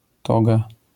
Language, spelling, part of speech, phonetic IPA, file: Polish, toga, noun, [ˈtɔɡa], LL-Q809 (pol)-toga.wav